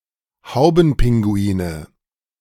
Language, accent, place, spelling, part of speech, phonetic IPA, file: German, Germany, Berlin, Haubenpinguine, noun, [ˈhaʊ̯bn̩ˌpɪŋɡuiːnə], De-Haubenpinguine.ogg
- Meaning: nominative/accusative/genitive plural of Haubenpinguin